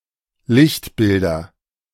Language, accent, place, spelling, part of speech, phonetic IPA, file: German, Germany, Berlin, Lichtbilder, noun, [ˈlɪçtˌbɪldɐ], De-Lichtbilder.ogg
- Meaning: nominative/accusative/genitive plural of Lichtbild